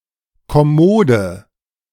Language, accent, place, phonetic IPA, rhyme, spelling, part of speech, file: German, Germany, Berlin, [kɔˈmoːdə], -oːdə, kommode, adjective, De-kommode.ogg
- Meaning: inflection of kommod: 1. strong/mixed nominative/accusative feminine singular 2. strong nominative/accusative plural 3. weak nominative all-gender singular 4. weak accusative feminine/neuter singular